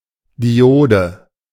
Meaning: diode
- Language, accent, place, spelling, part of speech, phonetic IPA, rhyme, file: German, Germany, Berlin, Diode, noun, [diˈʔoːdə], -oːdə, De-Diode.ogg